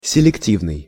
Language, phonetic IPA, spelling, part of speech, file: Russian, [sʲɪlʲɪkˈtʲivnɨj], селективный, adjective, Ru-селективный.ogg
- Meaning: selective